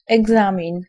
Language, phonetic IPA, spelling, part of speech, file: Polish, [ɛɡˈzãmʲĩn], egzamin, noun, Pl-egzamin.ogg